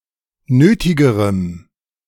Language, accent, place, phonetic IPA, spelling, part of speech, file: German, Germany, Berlin, [ˈnøːtɪɡəʁəm], nötigerem, adjective, De-nötigerem.ogg
- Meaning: strong dative masculine/neuter singular comparative degree of nötig